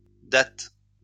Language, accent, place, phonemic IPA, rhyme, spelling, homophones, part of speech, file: French, France, Lyon, /dat/, -at, dattes, datte, noun, LL-Q150 (fra)-dattes.wav
- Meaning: plural of datte